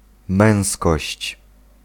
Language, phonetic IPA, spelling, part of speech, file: Polish, [ˈmɛ̃w̃skɔɕt͡ɕ], męskość, noun, Pl-męskość.ogg